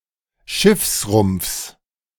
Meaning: genitive singular of Schiffsrumpf
- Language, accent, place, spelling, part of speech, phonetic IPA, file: German, Germany, Berlin, Schiffsrumpfs, noun, [ˈʃɪfsˌʁʊmp͡fs], De-Schiffsrumpfs.ogg